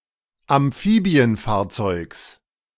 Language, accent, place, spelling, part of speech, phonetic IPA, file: German, Germany, Berlin, Amphibienfahrzeugs, noun, [amˈfiːbi̯ənˌfaːɐ̯t͡sɔɪ̯ks], De-Amphibienfahrzeugs.ogg
- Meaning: genitive singular of Amphibienfahrzeug